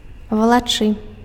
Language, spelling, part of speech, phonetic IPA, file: Belarusian, валачы, verb, [vaɫaˈt͡ʂɨ], Be-валачы.ogg
- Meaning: to drag, to haul, to draw